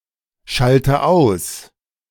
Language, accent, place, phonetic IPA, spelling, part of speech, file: German, Germany, Berlin, [ˌʃaltə ˈaʊ̯s], schalte aus, verb, De-schalte aus.ogg
- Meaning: inflection of ausschalten: 1. first-person singular present 2. first/third-person singular subjunctive I 3. singular imperative